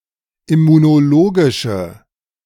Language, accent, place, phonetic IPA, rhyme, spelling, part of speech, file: German, Germany, Berlin, [ɪmunoˈloːɡɪʃə], -oːɡɪʃə, immunologische, adjective, De-immunologische.ogg
- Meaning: inflection of immunologisch: 1. strong/mixed nominative/accusative feminine singular 2. strong nominative/accusative plural 3. weak nominative all-gender singular